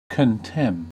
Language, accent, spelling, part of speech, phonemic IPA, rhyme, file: English, US, contemn, verb, /kənˈtɛm/, -ɛm, En-us-contemn.ogg
- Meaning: 1. To disdain; to value at little or nothing; to treat or regard with contempt 2. To commit an offence of contempt, such as contempt of court; to unlawfully flout (e.g. a ruling)